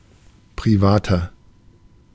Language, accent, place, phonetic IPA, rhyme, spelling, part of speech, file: German, Germany, Berlin, [pʁiˈvaːtɐ], -aːtɐ, privater, adjective, De-privater.ogg
- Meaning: 1. comparative degree of privat 2. inflection of privat: strong/mixed nominative masculine singular 3. inflection of privat: strong genitive/dative feminine singular